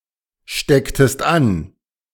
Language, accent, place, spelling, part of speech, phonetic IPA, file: German, Germany, Berlin, stecktest an, verb, [ˌʃtɛktəst ˈan], De-stecktest an.ogg
- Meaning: inflection of anstecken: 1. second-person singular preterite 2. second-person singular subjunctive II